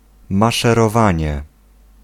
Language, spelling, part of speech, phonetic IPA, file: Polish, maszerowanie, noun, [ˌmaʃɛrɔˈvãɲɛ], Pl-maszerowanie.ogg